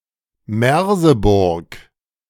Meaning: a town, the administrative seat of Saalekreis district, Saxony-Anhalt, Germany
- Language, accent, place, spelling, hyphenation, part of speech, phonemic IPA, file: German, Germany, Berlin, Merseburg, Mer‧se‧burg, proper noun, /ˈmɛʁzəˌbʊʁk/, De-Merseburg.ogg